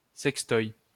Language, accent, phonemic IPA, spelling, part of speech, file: French, France, /sɛk.stɔj/, sextoy, noun, LL-Q150 (fra)-sextoy.wav
- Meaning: sex toy